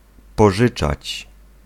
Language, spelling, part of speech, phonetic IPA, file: Polish, pożyczać, verb, [pɔˈʒɨt͡ʃat͡ɕ], Pl-pożyczać.ogg